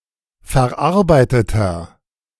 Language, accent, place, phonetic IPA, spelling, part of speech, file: German, Germany, Berlin, [fɛɐ̯ˈʔaʁbaɪ̯tətɐ], verarbeiteter, adjective, De-verarbeiteter.ogg
- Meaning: inflection of verarbeitet: 1. strong/mixed nominative masculine singular 2. strong genitive/dative feminine singular 3. strong genitive plural